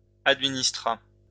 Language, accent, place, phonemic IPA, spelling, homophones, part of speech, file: French, France, Lyon, /ad.mi.nis.tʁa/, administra, administras / administrât, verb, LL-Q150 (fra)-administra.wav
- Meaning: third-person singular past historic of administrer